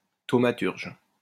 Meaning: thaumaturge
- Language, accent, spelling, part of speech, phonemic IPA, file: French, France, thaumaturge, noun, /to.ma.tyʁʒ/, LL-Q150 (fra)-thaumaturge.wav